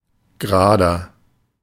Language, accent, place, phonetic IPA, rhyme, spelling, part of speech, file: German, Germany, Berlin, [ɡəˈʁaːdɐ], -aːdɐ, gerader, adjective, De-gerader.ogg
- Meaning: inflection of gerade: 1. strong/mixed nominative masculine singular 2. strong genitive/dative feminine singular 3. strong genitive plural